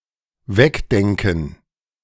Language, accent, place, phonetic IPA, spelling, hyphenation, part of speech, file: German, Germany, Berlin, [ˈvɛkˌdɛŋkn̩], wegdenken, weg‧den‧ken, verb, De-wegdenken.ogg
- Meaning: to imagine a situation without